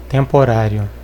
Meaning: temporary
- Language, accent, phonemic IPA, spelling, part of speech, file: Portuguese, Brazil, /tẽ.poˈɾa.ɾju/, temporário, adjective, Pt-br-temporário.ogg